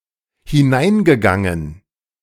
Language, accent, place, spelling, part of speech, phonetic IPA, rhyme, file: German, Germany, Berlin, hineingegangen, verb, [hɪˈnaɪ̯nɡəˌɡaŋən], -aɪ̯nɡəɡaŋən, De-hineingegangen.ogg
- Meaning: past participle of hineingehen